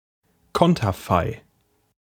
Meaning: portrait
- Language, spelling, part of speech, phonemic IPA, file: German, Konterfei, noun, /ˈkɔntɐfaɪ̯/, De-Konterfei.ogg